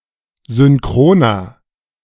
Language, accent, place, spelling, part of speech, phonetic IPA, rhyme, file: German, Germany, Berlin, synchroner, adjective, [zʏnˈkʁoːnɐ], -oːnɐ, De-synchroner.ogg
- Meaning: inflection of synchron: 1. strong/mixed nominative masculine singular 2. strong genitive/dative feminine singular 3. strong genitive plural